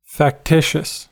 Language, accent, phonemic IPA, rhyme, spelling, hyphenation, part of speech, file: English, General American, /fækˈtɪʃəs/, -ɪʃəs, factitious, fac‧ti‧tious, adjective, En-us-factitious.ogg
- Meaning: 1. Created by humans; artificial 2. Counterfeit, fabricated, fake